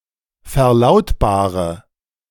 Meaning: inflection of verlautbaren: 1. first-person singular present 2. first/third-person singular subjunctive I 3. singular imperative
- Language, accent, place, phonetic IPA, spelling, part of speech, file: German, Germany, Berlin, [fɛɐ̯ˈlaʊ̯tbaːʁə], verlautbare, verb, De-verlautbare.ogg